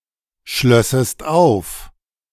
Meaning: second-person singular subjunctive II of aufschließen
- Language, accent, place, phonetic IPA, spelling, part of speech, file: German, Germany, Berlin, [ˌʃlœsəst ˈaʊ̯f], schlössest auf, verb, De-schlössest auf.ogg